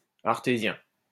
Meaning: 1. artesian 2. Artesian (of, from or relating to Artois, a geographic region in the Pas-de-Calais department, Hauts-de-France, France)
- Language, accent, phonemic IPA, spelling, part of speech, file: French, France, /aʁ.te.zjɛ̃/, artésien, adjective, LL-Q150 (fra)-artésien.wav